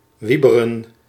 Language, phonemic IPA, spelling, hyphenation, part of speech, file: Dutch, /ʋibərə(n)/, wieberen, wie‧be‧ren, verb, Nl-wieberen.ogg
- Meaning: 1. to scarper, to flee 2. to leave 3. to go, to move 4. to move, to remove 5. to lay off